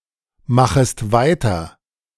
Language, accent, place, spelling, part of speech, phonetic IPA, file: German, Germany, Berlin, machest weiter, verb, [ˌmaxəst ˈvaɪ̯tɐ], De-machest weiter.ogg
- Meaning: second-person singular subjunctive I of weitermachen